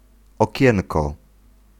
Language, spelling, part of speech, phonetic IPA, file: Polish, okienko, noun, [ɔˈcɛ̃nkɔ], Pl-okienko.ogg